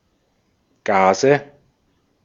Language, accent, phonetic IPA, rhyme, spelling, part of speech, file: German, Austria, [ˈɡaːzə], -aːzə, Gase, noun, De-at-Gase.ogg
- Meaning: nominative/accusative/genitive plural of Gas